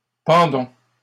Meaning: inflection of pendre: 1. first-person plural present indicative 2. first-person plural imperative
- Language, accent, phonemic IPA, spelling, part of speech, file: French, Canada, /pɑ̃.dɔ̃/, pendons, verb, LL-Q150 (fra)-pendons.wav